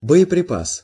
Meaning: 1. explosive ordnance, weapon, shell 2. ammunition
- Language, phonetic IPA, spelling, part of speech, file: Russian, [bə(j)ɪprʲɪˈpas], боеприпас, noun, Ru-боеприпас.ogg